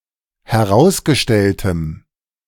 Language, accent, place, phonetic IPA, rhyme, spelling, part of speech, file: German, Germany, Berlin, [hɛˈʁaʊ̯sɡəˌʃtɛltəm], -aʊ̯sɡəʃtɛltəm, herausgestelltem, adjective, De-herausgestelltem.ogg
- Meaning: strong dative masculine/neuter singular of herausgestellt